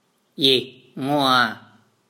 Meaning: solar system
- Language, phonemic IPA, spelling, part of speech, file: Mon, /lyɛ̀hstaŋoa/, လျးတ္ၚဲ, noun, Mnw-လျးတ္ၚဲ2.wav